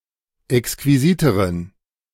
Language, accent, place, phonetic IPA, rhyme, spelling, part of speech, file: German, Germany, Berlin, [ɛkskviˈziːtəʁən], -iːtəʁən, exquisiteren, adjective, De-exquisiteren.ogg
- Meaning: inflection of exquisit: 1. strong genitive masculine/neuter singular comparative degree 2. weak/mixed genitive/dative all-gender singular comparative degree